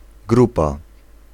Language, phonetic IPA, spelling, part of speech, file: Polish, [ˈɡrupa], grupa, noun, Pl-grupa.ogg